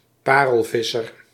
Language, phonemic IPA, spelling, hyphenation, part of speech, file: Dutch, /ˈpaː.rəlˌvɪ.sər/, parelvisser, pa‧rel‧vis‧ser, noun, Nl-parelvisser.ogg
- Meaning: pearl fisher, pearl diver